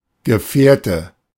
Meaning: 1. companion 2. nominative/accusative/genitive plural of Gefährt
- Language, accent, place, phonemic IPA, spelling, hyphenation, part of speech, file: German, Germany, Berlin, /ɡəˈfɛːrtə/, Gefährte, Ge‧fähr‧te, noun, De-Gefährte.ogg